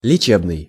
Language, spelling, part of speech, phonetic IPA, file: Russian, лечебный, adjective, [lʲɪˈt͡ɕebnɨj], Ru-лечебный.ogg
- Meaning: 1. medical 2. medicinal, healing, therapeutic, curative